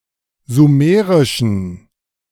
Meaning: inflection of sumerisch: 1. strong genitive masculine/neuter singular 2. weak/mixed genitive/dative all-gender singular 3. strong/weak/mixed accusative masculine singular 4. strong dative plural
- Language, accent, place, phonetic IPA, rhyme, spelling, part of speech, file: German, Germany, Berlin, [zuˈmeːʁɪʃn̩], -eːʁɪʃn̩, sumerischen, adjective, De-sumerischen.ogg